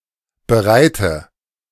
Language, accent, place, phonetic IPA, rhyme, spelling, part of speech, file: German, Germany, Berlin, [bəˈʁaɪ̯tə], -aɪ̯tə, bereite, adjective / verb, De-bereite.ogg
- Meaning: inflection of bereiten: 1. first-person singular present 2. singular imperative 3. first/third-person singular subjunctive I